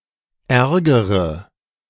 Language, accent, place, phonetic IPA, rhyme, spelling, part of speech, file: German, Germany, Berlin, [ˈɛʁɡəʁə], -ɛʁɡəʁə, ärgere, adjective / verb, De-ärgere.ogg
- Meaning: inflection of ärgern: 1. first-person singular present 2. first/third-person singular subjunctive I 3. singular imperative